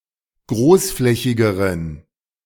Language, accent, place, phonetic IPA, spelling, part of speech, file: German, Germany, Berlin, [ˈɡʁoːsˌflɛçɪɡəʁən], großflächigeren, adjective, De-großflächigeren.ogg
- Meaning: inflection of großflächig: 1. strong genitive masculine/neuter singular comparative degree 2. weak/mixed genitive/dative all-gender singular comparative degree